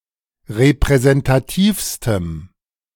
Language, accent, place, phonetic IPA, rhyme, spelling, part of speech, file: German, Germany, Berlin, [ʁepʁɛzɛntaˈtiːfstəm], -iːfstəm, repräsentativstem, adjective, De-repräsentativstem.ogg
- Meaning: strong dative masculine/neuter singular superlative degree of repräsentativ